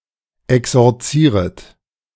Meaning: second-person plural subjunctive I of exorzieren
- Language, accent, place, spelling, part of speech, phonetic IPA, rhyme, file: German, Germany, Berlin, exorzieret, verb, [ɛksɔʁˈt͡siːʁət], -iːʁət, De-exorzieret.ogg